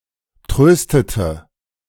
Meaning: inflection of trösten: 1. first/third-person singular preterite 2. first/third-person singular subjunctive II
- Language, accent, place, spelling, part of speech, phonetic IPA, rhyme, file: German, Germany, Berlin, tröstete, verb, [ˈtʁøːstətə], -øːstətə, De-tröstete.ogg